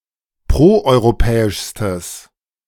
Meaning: strong/mixed nominative/accusative neuter singular superlative degree of proeuropäisch
- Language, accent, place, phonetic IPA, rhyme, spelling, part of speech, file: German, Germany, Berlin, [ˌpʁoʔɔɪ̯ʁoˈpɛːɪʃstəs], -ɛːɪʃstəs, proeuropäischstes, adjective, De-proeuropäischstes.ogg